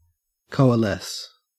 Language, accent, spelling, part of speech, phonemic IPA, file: English, Australia, coalesce, verb, /ˌkəʉ.əˈles/, En-au-coalesce.ogg
- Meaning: 1. To join into a single mass or whole 2. To form from different pieces or elements